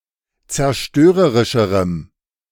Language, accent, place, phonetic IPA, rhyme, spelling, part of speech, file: German, Germany, Berlin, [t͡sɛɐ̯ˈʃtøːʁəʁɪʃəʁəm], -øːʁəʁɪʃəʁəm, zerstörerischerem, adjective, De-zerstörerischerem.ogg
- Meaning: strong dative masculine/neuter singular comparative degree of zerstörerisch